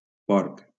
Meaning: 1. pig, swine 2. pork
- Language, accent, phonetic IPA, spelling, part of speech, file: Catalan, Valencia, [ˈpɔɾk], porc, noun, LL-Q7026 (cat)-porc.wav